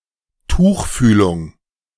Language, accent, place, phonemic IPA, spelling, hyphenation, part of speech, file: German, Germany, Berlin, /ˈtuːxˌfyːlʊŋ/, Tuchfühlung, Tuch‧füh‧lung, noun, De-Tuchfühlung.ogg
- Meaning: close contact